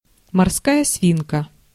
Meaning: guinea pig
- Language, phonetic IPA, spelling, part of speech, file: Russian, [mɐrˈskajə ˈsvʲinkə], морская свинка, noun, Ru-морская свинка.ogg